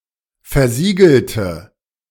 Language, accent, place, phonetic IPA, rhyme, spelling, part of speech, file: German, Germany, Berlin, [fɛɐ̯ˈziːɡl̩tə], -iːɡl̩tə, versiegelte, adjective / verb, De-versiegelte.ogg
- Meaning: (verb) inflection of versiegelt: 1. strong/mixed nominative/accusative feminine singular 2. strong nominative/accusative plural 3. weak nominative all-gender singular